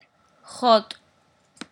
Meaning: 1. grass 2. weed, marijuana
- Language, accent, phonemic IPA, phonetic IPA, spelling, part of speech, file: Armenian, Eastern Armenian, /χot/, [χot], խոտ, noun, Χot.ogg